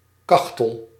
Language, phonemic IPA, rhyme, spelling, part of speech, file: Dutch, /ˈkɑx.təl/, -ɑxtəl, kachtel, noun, Nl-kachtel.ogg
- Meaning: foal